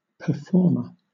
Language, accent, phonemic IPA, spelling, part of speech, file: English, Southern England, /pəˈfɔːmə/, performer, noun, LL-Q1860 (eng)-performer.wav
- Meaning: 1. One who performs for, or entertains, an audience 2. One who performs or does anything